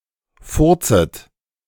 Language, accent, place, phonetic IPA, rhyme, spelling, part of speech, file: German, Germany, Berlin, [ˈfʊʁt͡sət], -ʊʁt͡sət, furzet, verb, De-furzet.ogg
- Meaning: second-person plural subjunctive I of furzen